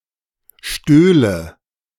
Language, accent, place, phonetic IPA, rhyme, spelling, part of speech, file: German, Germany, Berlin, [ˈʃtøːlə], -øːlə, stöhle, verb, De-stöhle.ogg
- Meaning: first/third-person singular subjunctive II of stehlen